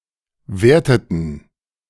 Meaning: inflection of werten: 1. first/third-person plural preterite 2. first/third-person plural subjunctive II
- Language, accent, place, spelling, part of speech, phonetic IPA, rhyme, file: German, Germany, Berlin, werteten, verb, [ˈveːɐ̯tətn̩], -eːɐ̯tətn̩, De-werteten.ogg